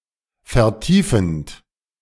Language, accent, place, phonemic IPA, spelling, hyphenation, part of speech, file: German, Germany, Berlin, /fɛʁˈtiːfənt/, vertiefend, ver‧tie‧fend, verb, De-vertiefend.ogg
- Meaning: present participle of vertiefen